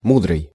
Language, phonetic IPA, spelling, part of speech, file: Russian, [ˈmudrɨj], мудрый, adjective, Ru-мудрый.ogg
- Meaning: wise